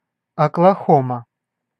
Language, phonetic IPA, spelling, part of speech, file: Russian, [ɐkɫɐˈxomə], Оклахома, proper noun, Ru-Оклахома.ogg
- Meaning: Oklahoma (a state in the central United States, formerly a territory)